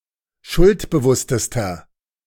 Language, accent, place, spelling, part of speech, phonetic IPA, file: German, Germany, Berlin, schuldbewusstester, adjective, [ˈʃʊltbəˌvʊstəstɐ], De-schuldbewusstester.ogg
- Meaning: inflection of schuldbewusst: 1. strong/mixed nominative masculine singular superlative degree 2. strong genitive/dative feminine singular superlative degree